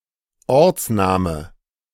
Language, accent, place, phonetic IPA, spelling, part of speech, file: German, Germany, Berlin, [ˈɔʁt͡sˌnaːmə], Ortsname, noun, De-Ortsname.ogg
- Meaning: placename